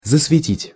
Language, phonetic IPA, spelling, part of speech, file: Russian, [zəsvʲɪˈtʲitʲ], засветить, verb, Ru-засветить.ogg
- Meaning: 1. to begin to shine 2. to light 3. to give a smack (on) 4. to expose to light, to overexpose